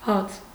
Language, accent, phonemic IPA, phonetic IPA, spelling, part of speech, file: Armenian, Eastern Armenian, /hɑt͡sʰ/, [hɑt͡sʰ], հաց, noun, Hy-հաց.ogg
- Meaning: 1. bread 2. meal, food, table 3. living, means of subsistence 4. honey with honeycomb 5. grain 6. grain field (usually wheat or barley)